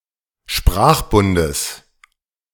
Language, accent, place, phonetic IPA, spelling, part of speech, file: German, Germany, Berlin, [ˈʃpʁaːxˌbʊndəs], Sprachbundes, noun, De-Sprachbundes.ogg
- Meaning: genitive singular of Sprachbund